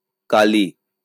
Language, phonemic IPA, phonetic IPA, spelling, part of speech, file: Bengali, /kali/, [ˈkaliˑ], কালি, adverb / noun / proper noun, LL-Q9610 (ben)-কালি.wav
- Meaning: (adverb) 1. yesterday 2. tomorrow; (noun) ink; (proper noun) alternative spelling of কালী (kali)